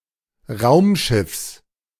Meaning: genitive singular of Raumschiff
- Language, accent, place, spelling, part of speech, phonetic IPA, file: German, Germany, Berlin, Raumschiffs, noun, [ˈʁaʊ̯mˌʃɪfs], De-Raumschiffs.ogg